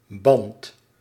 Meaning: 1. bond, connection, relationship, liaison, tie (attachment, as in a relation) 2. band (all English senses, above, except for group of musicians)
- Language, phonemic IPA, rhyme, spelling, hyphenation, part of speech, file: Dutch, /bɑnt/, -ɑnt, band, band, noun, Nl-band.ogg